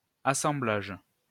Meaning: 1. assemblage, gathering, assembly (process of assembling; result of this action) 2. jointing (act of making a joint) 3. joint
- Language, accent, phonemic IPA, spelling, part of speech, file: French, France, /a.sɑ̃.blaʒ/, assemblage, noun, LL-Q150 (fra)-assemblage.wav